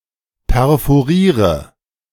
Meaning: inflection of perforieren: 1. first-person singular present 2. first/third-person singular subjunctive I 3. singular imperative
- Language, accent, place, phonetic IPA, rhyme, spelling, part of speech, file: German, Germany, Berlin, [pɛʁfoˈʁiːʁə], -iːʁə, perforiere, verb, De-perforiere.ogg